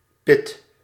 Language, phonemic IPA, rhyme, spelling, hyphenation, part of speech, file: Dutch, /pɪt/, -ɪt, pit, pit, noun, Nl-pit.ogg
- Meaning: 1. a seed inside a fruit 2. wick (of a candle, lamp or other implement) 3. burner (on a stove) 4. spirit, vigour 5. pit (refueling station and garage at a race track)